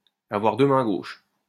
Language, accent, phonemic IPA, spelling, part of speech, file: French, France, /a.vwaʁ dø mɛ̃ ɡoʃ/, avoir deux mains gauches, verb, LL-Q150 (fra)-avoir deux mains gauches.wav
- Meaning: to be all thumbs, to be very clumsy